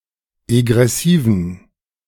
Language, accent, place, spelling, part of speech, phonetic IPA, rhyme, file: German, Germany, Berlin, egressiven, adjective, [eɡʁɛˈsiːvn̩], -iːvn̩, De-egressiven.ogg
- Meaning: inflection of egressiv: 1. strong genitive masculine/neuter singular 2. weak/mixed genitive/dative all-gender singular 3. strong/weak/mixed accusative masculine singular 4. strong dative plural